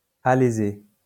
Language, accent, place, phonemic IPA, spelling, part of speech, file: French, France, Lyon, /a.le.ze/, alésé, adjective / verb, LL-Q150 (fra)-alésé.wav
- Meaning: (adjective) detached; not reaching the edges; often said of a cross; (verb) past participle of aléser